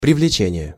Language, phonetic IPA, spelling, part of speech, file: Russian, [prʲɪvlʲɪˈt͡ɕenʲɪje], привлечение, noun, Ru-привлечение.ogg
- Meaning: 1. effort to attract 2. involvement 3. impleading, institution